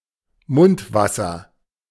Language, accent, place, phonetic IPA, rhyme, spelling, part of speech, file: German, Germany, Berlin, [ˈmʊntˌvasɐ], -ʊntvasɐ, Mundwasser, noun, De-Mundwasser.ogg
- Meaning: mouthwash